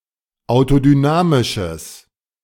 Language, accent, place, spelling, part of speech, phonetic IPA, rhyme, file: German, Germany, Berlin, autodynamisches, adjective, [aʊ̯todyˈnaːmɪʃəs], -aːmɪʃəs, De-autodynamisches.ogg
- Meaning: strong/mixed nominative/accusative neuter singular of autodynamisch